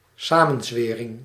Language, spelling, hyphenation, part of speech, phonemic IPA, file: Dutch, samenzwering, sa‧men‧zwe‧ring, noun, /ˈsaː.mə(n)ˌzʋeː.rɪŋ/, Nl-samenzwering.ogg
- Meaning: conspiracy